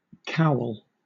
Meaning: A traditional Welsh soup, typically made with beef, lamb, or salted bacon with carrot, leeks, potatoes, swedes, and other seasonal vegetables
- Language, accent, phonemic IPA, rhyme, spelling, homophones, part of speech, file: English, Southern England, /kaʊl/, -aʊl, cawl, cowl, noun, LL-Q1860 (eng)-cawl.wav